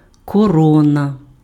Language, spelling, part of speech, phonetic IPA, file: Ukrainian, корона, noun, [kɔˈrɔnɐ], Uk-корона.ogg
- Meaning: crown (royal, imperial or princely headdress)